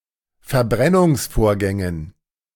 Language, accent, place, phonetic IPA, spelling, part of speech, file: German, Germany, Berlin, [fɛɐ̯ˈbʁɛnʊŋsˌfoːɐ̯ɡɛŋən], Verbrennungsvorgängen, noun, De-Verbrennungsvorgängen.ogg
- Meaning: dative plural of Verbrennungsvorgang